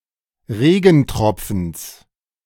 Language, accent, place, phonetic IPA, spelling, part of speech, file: German, Germany, Berlin, [ˈʁeːɡn̩ˌtʁɔp͡fn̩s], Regentropfens, noun, De-Regentropfens.ogg
- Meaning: genitive singular of Regentropfen